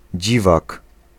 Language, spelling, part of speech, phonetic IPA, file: Polish, dziwak, noun, [ˈd͡ʑivak], Pl-dziwak.ogg